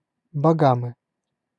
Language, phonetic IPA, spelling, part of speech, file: Russian, [bɐˈɡamɨ], Багамы, proper noun, Ru-Багамы.ogg
- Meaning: Bahamas (an archipelago and country in the Caribbean)